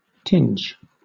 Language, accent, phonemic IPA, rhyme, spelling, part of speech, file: English, Southern England, /tɪnd͡ʒ/, -ɪndʒ, tinge, noun / verb, LL-Q1860 (eng)-tinge.wav
- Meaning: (noun) 1. A small added amount of colour; (by extension) a small added amount of some other thing 2. The degree of vividness of a colour; hue, shade, tint 3. A draper's or clothier's markup